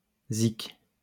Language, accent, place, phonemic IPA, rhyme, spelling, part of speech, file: French, France, Lyon, /zik/, -ik, zic, noun, LL-Q150 (fra)-zic.wav
- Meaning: music